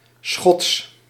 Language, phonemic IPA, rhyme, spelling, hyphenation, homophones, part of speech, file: Dutch, /sxɔts/, -ɔts, schots, schots, Schots, adjective / noun, Nl-schots.ogg
- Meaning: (adjective) messy, disorderly; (noun) floe, ice floe